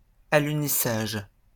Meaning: moon landing, lunar landing; act of landing on the Moon
- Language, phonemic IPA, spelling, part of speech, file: French, /a.ly.ni.saʒ/, alunissage, noun, LL-Q150 (fra)-alunissage.wav